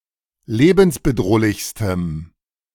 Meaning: strong dative masculine/neuter singular superlative degree of lebensbedrohlich
- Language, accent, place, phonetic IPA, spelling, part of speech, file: German, Germany, Berlin, [ˈleːbn̩sbəˌdʁoːlɪçstəm], lebensbedrohlichstem, adjective, De-lebensbedrohlichstem.ogg